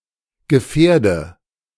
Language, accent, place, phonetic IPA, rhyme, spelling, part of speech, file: German, Germany, Berlin, [ɡəˈfɛːɐ̯də], -ɛːɐ̯də, gefährde, verb, De-gefährde.ogg
- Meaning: inflection of gefährden: 1. first-person singular present 2. first/third-person singular subjunctive I 3. singular imperative